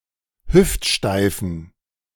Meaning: inflection of hüftsteif: 1. strong genitive masculine/neuter singular 2. weak/mixed genitive/dative all-gender singular 3. strong/weak/mixed accusative masculine singular 4. strong dative plural
- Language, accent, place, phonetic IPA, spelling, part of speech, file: German, Germany, Berlin, [ˈhʏftˌʃtaɪ̯fn̩], hüftsteifen, adjective, De-hüftsteifen.ogg